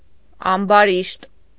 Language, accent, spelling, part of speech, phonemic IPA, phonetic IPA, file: Armenian, Eastern Armenian, ամբարիշտ, adjective, /ɑmbɑˈɾiʃt/, [ɑmbɑɾíʃt], Hy-ամբարիշտ.ogg
- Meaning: 1. godless, impious 2. evil, wicked; cruel 3. quarrelsome